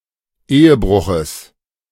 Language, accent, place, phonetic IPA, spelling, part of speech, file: German, Germany, Berlin, [ˈeːəˌbʁʊxəs], Ehebruches, noun, De-Ehebruches.ogg
- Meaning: genitive singular of Ehebruch